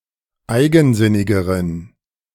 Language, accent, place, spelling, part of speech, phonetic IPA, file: German, Germany, Berlin, eigensinnigeren, adjective, [ˈaɪ̯ɡn̩ˌzɪnɪɡəʁən], De-eigensinnigeren.ogg
- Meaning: inflection of eigensinnig: 1. strong genitive masculine/neuter singular comparative degree 2. weak/mixed genitive/dative all-gender singular comparative degree